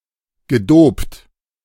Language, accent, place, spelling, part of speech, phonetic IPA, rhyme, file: German, Germany, Berlin, gedopt, verb, [ɡəˈdoːpt], -oːpt, De-gedopt.ogg
- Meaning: past participle of dopen